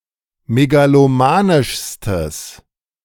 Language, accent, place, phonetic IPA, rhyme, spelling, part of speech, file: German, Germany, Berlin, [meɡaloˈmaːnɪʃstəs], -aːnɪʃstəs, megalomanischstes, adjective, De-megalomanischstes.ogg
- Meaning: strong/mixed nominative/accusative neuter singular superlative degree of megalomanisch